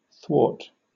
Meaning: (adjective) 1. Placed or situated across something else; cross, oblique, transverse 2. Of people: having a tendency to oppose; obstinate, perverse, stubborn
- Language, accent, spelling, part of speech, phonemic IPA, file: English, Received Pronunciation, thwart, adjective / adverb / preposition / verb / noun, /θwɔːt/, En-uk-thwart.oga